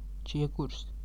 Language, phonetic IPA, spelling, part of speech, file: Latvian, [tʃiēkurs], čiekurs, noun, Lv-čiekurs.ogg
- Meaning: conifer cone (the fruit, or reproductive organ, of a conifer tree)